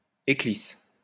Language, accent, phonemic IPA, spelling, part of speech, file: French, France, /e.klis/, éclisse, noun, LL-Q150 (fra)-éclisse.wav
- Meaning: 1. splint 2. spline 3. fishplate